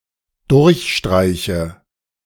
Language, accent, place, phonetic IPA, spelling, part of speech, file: German, Germany, Berlin, [ˈdʊʁçˌʃtʁaɪ̯çə], durchstreiche, verb, De-durchstreiche.ogg
- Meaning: inflection of durchstreichen: 1. first-person singular dependent present 2. first/third-person singular dependent subjunctive I